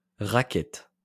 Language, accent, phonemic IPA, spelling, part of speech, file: French, France, /ʁa.kɛt/, racket, noun, LL-Q150 (fra)-racket.wav
- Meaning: 1. racketeering 2. racket, extortion